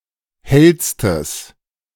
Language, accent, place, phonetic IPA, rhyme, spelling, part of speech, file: German, Germany, Berlin, [ˈhɛlstəs], -ɛlstəs, hellstes, adjective, De-hellstes.ogg
- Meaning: strong/mixed nominative/accusative neuter singular superlative degree of hell